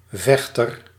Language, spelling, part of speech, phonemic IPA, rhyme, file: Dutch, vechter, noun, /ˈvɛxtər/, -ɛxtər, Nl-vechter.ogg
- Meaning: 1. a (male) fighter 2. a baby who resists falling asleep